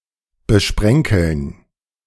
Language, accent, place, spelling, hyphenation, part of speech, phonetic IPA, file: German, Germany, Berlin, besprenkeln, be‧spren‧keln, verb, [bəˈʃpʁɛŋkl̩n], De-besprenkeln.ogg
- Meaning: to speckle